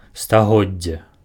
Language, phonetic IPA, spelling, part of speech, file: Belarusian, [staˈɣod͡zʲːe], стагоддзе, noun, Be-стагоддзе.ogg
- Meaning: century (period of 100 years)